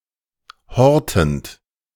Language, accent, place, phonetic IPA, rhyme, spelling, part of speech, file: German, Germany, Berlin, [ˈhɔʁtn̩t], -ɔʁtn̩t, hortend, verb, De-hortend.ogg
- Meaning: present participle of horten